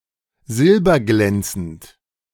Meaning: silvery, shiny
- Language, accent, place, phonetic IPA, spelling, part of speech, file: German, Germany, Berlin, [ˈzɪlbɐˌɡlɛnt͡sn̩t], silberglänzend, adjective, De-silberglänzend.ogg